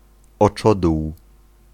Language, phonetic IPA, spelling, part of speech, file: Polish, [ɔˈt͡ʃɔduw], oczodół, noun, Pl-oczodół.ogg